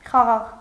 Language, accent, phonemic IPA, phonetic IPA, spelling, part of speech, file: Armenian, Eastern Armenian, /χɑˈʁɑʁ/, [χɑʁɑ́ʁ], խաղաղ, adjective, Hy-խաղաղ.ogg
- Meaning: 1. peaceful 2. quiet